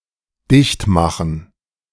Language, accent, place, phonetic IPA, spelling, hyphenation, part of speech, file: German, Germany, Berlin, [ˈdɪçtˌmaχn̩], dichtmachen, dicht‧ma‧chen, verb, De-dichtmachen.ogg
- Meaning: 1. to close off, to seal up 2. to close down, to close up, to shutter